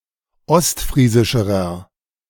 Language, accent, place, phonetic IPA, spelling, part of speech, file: German, Germany, Berlin, [ˈɔstˌfʁiːzɪʃəʁɐ], ostfriesischerer, adjective, De-ostfriesischerer.ogg
- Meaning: inflection of ostfriesisch: 1. strong/mixed nominative masculine singular comparative degree 2. strong genitive/dative feminine singular comparative degree 3. strong genitive plural comparative degree